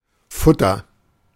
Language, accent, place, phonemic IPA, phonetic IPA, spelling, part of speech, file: German, Germany, Berlin, /ˈfʊtər/, [ˈfʊ.tʰɐ], Futter, noun, De-Futter.ogg
- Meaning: 1. fodder, food (for animals) 2. lining